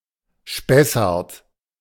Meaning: 1. a mountain range in the Lower Franconia region, Bavaria and Hesse 2. a municipality of Brohltal, Ahrweiler district, Rhineland-Palatinate
- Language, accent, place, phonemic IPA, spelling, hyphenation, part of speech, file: German, Germany, Berlin, /ˈʃpɛsaʁt/, Spessart, Spes‧sart, proper noun, De-Spessart.ogg